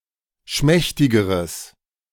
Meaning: strong/mixed nominative/accusative neuter singular comparative degree of schmächtig
- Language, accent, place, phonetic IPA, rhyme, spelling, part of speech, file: German, Germany, Berlin, [ˈʃmɛçtɪɡəʁəs], -ɛçtɪɡəʁəs, schmächtigeres, adjective, De-schmächtigeres.ogg